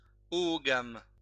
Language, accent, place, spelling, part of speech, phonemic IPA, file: French, France, Lyon, oogame, adjective, /ɔ.ɔ.ɡam/, LL-Q150 (fra)-oogame.wav
- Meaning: oogamous